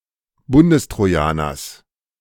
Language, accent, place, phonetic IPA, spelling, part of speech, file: German, Germany, Berlin, [ˈbʊndəstʁoˌjaːnɐs], Bundestrojaners, noun, De-Bundestrojaners.ogg
- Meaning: genitive singular of Bundestrojaner